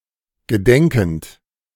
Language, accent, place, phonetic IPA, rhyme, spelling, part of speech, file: German, Germany, Berlin, [ɡəˈdɛŋkn̩t], -ɛŋkn̩t, gedenkend, verb, De-gedenkend.ogg
- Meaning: present participle of gedenken